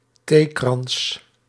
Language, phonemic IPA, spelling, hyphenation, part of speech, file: Dutch, /ˈteː.krɑns/, theekrans, thee‧krans, noun, Nl-theekrans.ogg
- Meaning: tea party (formal social gathering where one drinks tea, historically associated with upper-class ladies)